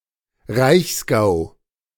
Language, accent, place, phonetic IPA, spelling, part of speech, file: German, Germany, Berlin, [ˈʁaɪ̯çsˌɡaʊ̯], Reichsgau, noun, De-Reichsgau.ogg